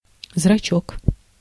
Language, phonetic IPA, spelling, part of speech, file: Russian, [zrɐˈt͡ɕɵk], зрачок, noun, Ru-зрачок.ogg
- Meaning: pupil (of the eye)